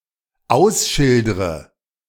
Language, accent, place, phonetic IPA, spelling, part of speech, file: German, Germany, Berlin, [ˈaʊ̯sˌʃɪldʁə], ausschildre, verb, De-ausschildre.ogg
- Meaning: inflection of ausschildern: 1. first-person singular dependent present 2. first/third-person singular dependent subjunctive I